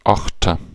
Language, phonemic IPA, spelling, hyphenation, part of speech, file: German, /ˈaxtɐ/, Achter, Ach‧ter, noun, De-Achter.ogg
- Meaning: 1. eight, number eight (figure) 2. figure of eight 3. octet (group of eight) 4. octet (group of eight): boat of eight rowers and coxswain